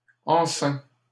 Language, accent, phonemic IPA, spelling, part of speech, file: French, Canada, /ɑ̃.sɛ̃/, enceint, adjective / verb, LL-Q150 (fra)-enceint.wav
- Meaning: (adjective) pregnant; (verb) 1. past participle of enceindre 2. third-person singular present indicative of enceindre